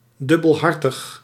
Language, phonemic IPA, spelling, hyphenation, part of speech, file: Dutch, /ˌdʏ.bəlˈɦɑr.təx/, dubbelhartig, dub‧bel‧har‧tig, adjective, Nl-dubbelhartig.ogg
- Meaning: two-faced, duplicitous